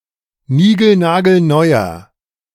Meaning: inflection of nigelnagelneu: 1. strong/mixed nominative masculine singular 2. strong genitive/dative feminine singular 3. strong genitive plural
- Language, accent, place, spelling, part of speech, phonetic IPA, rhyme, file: German, Germany, Berlin, nigelnagelneuer, adjective, [ˈniːɡl̩naːɡl̩ˈnɔɪ̯ɐ], -ɔɪ̯ɐ, De-nigelnagelneuer.ogg